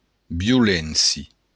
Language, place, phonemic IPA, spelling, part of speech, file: Occitan, Béarn, /bjuˈlensjo/, violéncia, noun, LL-Q14185 (oci)-violéncia.wav
- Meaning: violence